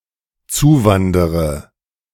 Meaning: inflection of zuwandern: 1. first-person singular dependent present 2. first/third-person singular dependent subjunctive I
- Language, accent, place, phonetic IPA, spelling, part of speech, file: German, Germany, Berlin, [ˈt͡suːˌvandəʁə], zuwandere, verb, De-zuwandere.ogg